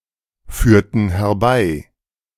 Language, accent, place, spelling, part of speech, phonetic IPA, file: German, Germany, Berlin, führten herbei, verb, [ˌfyːɐ̯tn̩ hɛɐ̯ˈbaɪ̯], De-führten herbei.ogg
- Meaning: inflection of herbeiführen: 1. first/third-person plural preterite 2. first/third-person plural subjunctive II